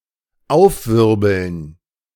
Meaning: to stir up
- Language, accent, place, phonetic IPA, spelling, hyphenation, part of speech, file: German, Germany, Berlin, [ˈaʊ̯fˌvɪʁbl̩n], aufwirbeln, auf‧wir‧beln, verb, De-aufwirbeln.ogg